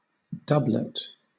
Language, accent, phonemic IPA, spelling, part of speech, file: English, Southern England, /ˈdʌblət/, doublet, noun, LL-Q1860 (eng)-doublet.wav
- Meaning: A pair of two similar or equal things; couple